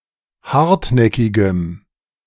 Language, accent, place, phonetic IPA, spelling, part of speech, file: German, Germany, Berlin, [ˈhaʁtˌnɛkɪɡəm], hartnäckigem, adjective, De-hartnäckigem.ogg
- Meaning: strong dative masculine/neuter singular of hartnäckig